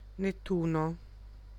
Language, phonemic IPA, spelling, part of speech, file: Italian, /ŋettuno/, Nettuno, proper noun, It-Nettuno.ogg